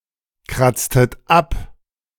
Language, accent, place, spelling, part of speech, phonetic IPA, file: German, Germany, Berlin, kratztet ab, verb, [ˌkʁat͡stət ˈap], De-kratztet ab.ogg
- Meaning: inflection of abkratzen: 1. second-person plural preterite 2. second-person plural subjunctive II